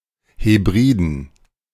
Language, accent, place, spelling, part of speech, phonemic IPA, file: German, Germany, Berlin, Hebriden, proper noun, /heˈbʁiːdən/, De-Hebriden.ogg
- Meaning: Hebrides (an archipelago of Scotland)